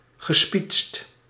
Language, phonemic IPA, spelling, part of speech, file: Dutch, /ɣəˈspitst/, gespietst, verb, Nl-gespietst.ogg
- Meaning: past participle of spietsen